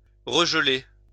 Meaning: to refreeze; to freeze again
- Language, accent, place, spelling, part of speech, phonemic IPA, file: French, France, Lyon, regeler, verb, /ʁə.ʒ(ə).le/, LL-Q150 (fra)-regeler.wav